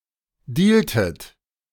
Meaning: inflection of dealen: 1. second-person plural preterite 2. second-person plural subjunctive II
- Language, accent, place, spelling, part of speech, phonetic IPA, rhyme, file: German, Germany, Berlin, dealtet, verb, [ˈdiːltət], -iːltət, De-dealtet.ogg